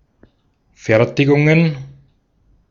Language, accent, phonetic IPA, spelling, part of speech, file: German, Austria, [ˈfɛʁtɪɡʊŋən], Fertigungen, noun, De-at-Fertigungen.ogg
- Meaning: plural of Fertigung